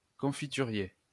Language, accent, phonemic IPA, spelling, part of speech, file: French, France, /kɔ̃.fi.ty.ʁje/, confiturier, noun, LL-Q150 (fra)-confiturier.wav
- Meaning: 1. jam maker 2. jam cupboard 3. jam bowl